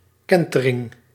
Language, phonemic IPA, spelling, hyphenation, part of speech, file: Dutch, /ˈkɛn.tə.rɪŋ/, kentering, ken‧te‧ring, noun, Nl-kentering.ogg
- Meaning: 1. change, alteration, transformation 2. reversal 3. the act of turning a landed whale on its side to butcher it